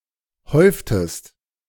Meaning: inflection of häufen: 1. second-person singular preterite 2. second-person singular subjunctive II
- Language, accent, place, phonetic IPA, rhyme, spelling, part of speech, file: German, Germany, Berlin, [ˈhɔɪ̯ftəst], -ɔɪ̯ftəst, häuftest, verb, De-häuftest.ogg